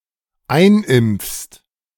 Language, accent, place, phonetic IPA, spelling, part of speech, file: German, Germany, Berlin, [ˈaɪ̯nˌʔɪmp͡fst], einimpfst, verb, De-einimpfst.ogg
- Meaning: second-person singular dependent present of einimpfen